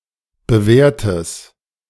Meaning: strong/mixed nominative/accusative neuter singular of bewährt
- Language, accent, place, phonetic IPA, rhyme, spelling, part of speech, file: German, Germany, Berlin, [bəˈvɛːɐ̯təs], -ɛːɐ̯təs, bewährtes, adjective, De-bewährtes.ogg